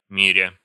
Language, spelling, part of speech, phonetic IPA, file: Russian, миря, verb, [mʲɪˈrʲa], Ru-ми́ря.ogg
- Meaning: present adverbial imperfective participle of мири́ть (mirítʹ)